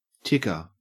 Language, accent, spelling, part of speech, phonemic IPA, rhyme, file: English, Australia, ticker, noun, /ˈtɪkə(ɹ)/, -ɪkə(ɹ), En-au-ticker.ogg
- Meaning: 1. One who makes a tick mark 2. A measuring or reporting device, particularly one which makes a ticking sound as the measured events occur